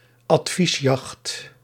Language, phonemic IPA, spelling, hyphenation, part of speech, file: Dutch, /ɑtˈfisˌjɑxt/, adviesjacht, ad‧vies‧jacht, noun, Nl-adviesjacht.ogg
- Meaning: dispatch boat